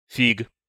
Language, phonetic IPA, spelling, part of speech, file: Russian, [fʲik], фиг, noun, Ru-фиг.ogg
- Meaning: a hand gesture made by making a fist and putting the thumb between the index finger and middle finger, usually carries a vulgar meaning (known as the "fig sign"); ASL letter "t"